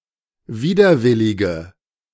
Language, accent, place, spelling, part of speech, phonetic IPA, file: German, Germany, Berlin, widerwillige, adjective, [ˈviːdɐˌvɪlɪɡə], De-widerwillige.ogg
- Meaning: inflection of widerwillig: 1. strong/mixed nominative/accusative feminine singular 2. strong nominative/accusative plural 3. weak nominative all-gender singular